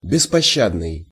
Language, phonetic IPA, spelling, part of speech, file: Russian, [bʲɪspɐˈɕːadnɨj], беспощадный, adjective, Ru-беспощадный.ogg
- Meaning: merciless